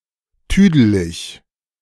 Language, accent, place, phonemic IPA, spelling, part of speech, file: German, Germany, Berlin, /ˈtyːdəlɪç/, tüdelig, adjective, De-tüdelig.ogg
- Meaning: confused; (especially) mentally senile